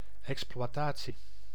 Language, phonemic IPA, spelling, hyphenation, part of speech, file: Dutch, /ˌɛks.plʋɑˈtaː.(t)si/, exploitatie, ex‧ploi‧ta‧tie, noun, Nl-exploitatie.ogg
- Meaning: exploitation (chiefly of goods)